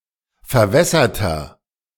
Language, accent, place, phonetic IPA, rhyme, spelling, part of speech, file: German, Germany, Berlin, [fɛɐ̯ˈvɛsɐtɐ], -ɛsɐtɐ, verwässerter, adjective, De-verwässerter.ogg
- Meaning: inflection of verwässert: 1. strong/mixed nominative masculine singular 2. strong genitive/dative feminine singular 3. strong genitive plural